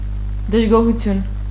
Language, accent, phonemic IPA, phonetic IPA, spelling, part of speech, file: Armenian, Eastern Armenian, /dəʒɡohuˈtʰjun/, [dəʒɡohut͡sʰjún], դժգոհություն, noun, Hy-դժգոհություն.ogg
- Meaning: discontent, dissatisfaction, displeasure